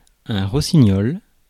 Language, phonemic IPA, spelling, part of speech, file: French, /ʁɔ.si.ɲɔl/, rossignol, noun, Fr-rossignol.ogg
- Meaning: 1. nightingale 2. picklock, skeleton key 3. piece of junk